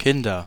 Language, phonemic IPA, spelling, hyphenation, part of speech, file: German, /ˈkɪndɐ/, Kinder, Kin‧der, noun, De-Kinder.ogg
- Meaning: nominative/accusative/genitive plural of Kind